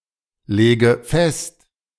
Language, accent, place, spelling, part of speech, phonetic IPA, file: German, Germany, Berlin, lege fest, verb, [ˌleːɡə ˈfɛst], De-lege fest.ogg
- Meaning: inflection of festlegen: 1. first-person singular present 2. first/third-person singular subjunctive I 3. singular imperative